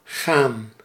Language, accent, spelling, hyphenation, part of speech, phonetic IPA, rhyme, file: Dutch, Netherlands, gaan, gaan, verb, [xaːn], -aːn, Nl-gaan.ogg
- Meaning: 1. to go, to move from one place to another 2. to leave or depart, to move away 3. to lead (in a direction) 4. to proceed (well or poorly)